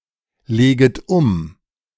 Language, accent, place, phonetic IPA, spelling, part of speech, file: German, Germany, Berlin, [ˌleːɡət ˈʊm], leget um, verb, De-leget um.ogg
- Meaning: second-person plural subjunctive I of umlegen